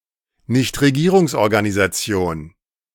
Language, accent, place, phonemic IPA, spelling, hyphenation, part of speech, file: German, Germany, Berlin, /ˌnɪçt.ʁeˈɡiːʁʊŋs.ɔʁɡanizaˌt͡si̯oːn/, Nichtregierungsorganisation, Nicht‧re‧gie‧rungs‧or‧ga‧ni‧sa‧tion, noun, De-Nichtregierungsorganisation.ogg
- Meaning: non-governmental organization, NGO